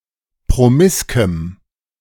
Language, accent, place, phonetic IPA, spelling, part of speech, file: German, Germany, Berlin, [pʁoˈmɪskəm], promiskem, adjective, De-promiskem.ogg
- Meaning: strong dative masculine/neuter singular of promisk